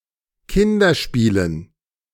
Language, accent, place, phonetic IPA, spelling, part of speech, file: German, Germany, Berlin, [ˈkɪndɐˌʃpiːlən], Kinderspielen, noun, De-Kinderspielen.ogg
- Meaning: dative plural of Kinderspiel